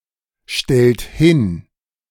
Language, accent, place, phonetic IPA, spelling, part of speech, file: German, Germany, Berlin, [ˌʃtɛlt ˈhɪn], stellt hin, verb, De-stellt hin.ogg
- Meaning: inflection of hinstellen: 1. second-person plural present 2. third-person singular present 3. plural imperative